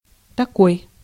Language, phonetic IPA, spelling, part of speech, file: Russian, [tɐˈkoj], такой, determiner / pronoun / adverb, Ru-такой.ogg